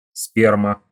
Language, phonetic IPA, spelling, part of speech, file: Russian, [ˈspʲermə], сперма, noun, Ru-сперма.ogg
- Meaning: 1. sperm, semen 2. spermatozoa